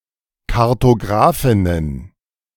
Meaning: plural of Kartographin
- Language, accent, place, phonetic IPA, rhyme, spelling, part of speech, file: German, Germany, Berlin, [kaʁtoˈɡʁaːfɪnən], -aːfɪnən, Kartographinnen, noun, De-Kartographinnen.ogg